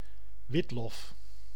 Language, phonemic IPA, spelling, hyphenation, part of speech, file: Dutch, /ˈʋɪt.lɔf/, witlof, wit‧lof, noun, Nl-witlof.ogg
- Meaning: Belgian endive (Cichorium intybus subsp. foliosum), a chicory eaten as a leafy vegetable